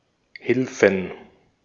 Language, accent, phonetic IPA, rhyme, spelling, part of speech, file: German, Austria, [ˈhɪlfn̩], -ɪlfn̩, Hilfen, noun, De-at-Hilfen.ogg
- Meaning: plural of Hilfe